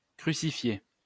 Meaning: to crucify
- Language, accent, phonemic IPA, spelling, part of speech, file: French, France, /kʁy.si.fje/, crucifier, verb, LL-Q150 (fra)-crucifier.wav